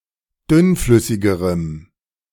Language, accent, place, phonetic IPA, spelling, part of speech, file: German, Germany, Berlin, [ˈdʏnˌflʏsɪɡəʁəm], dünnflüssigerem, adjective, De-dünnflüssigerem.ogg
- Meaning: strong dative masculine/neuter singular comparative degree of dünnflüssig